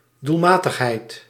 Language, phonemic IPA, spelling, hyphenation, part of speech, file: Dutch, /ˌdulˈmaː.təx..ɦɛi̯t/, doelmatigheid, doel‧ma‧tig‧heid, noun, Nl-doelmatigheid.ogg
- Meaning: 1. effectiveness 2. teleology, an instance of purposeful design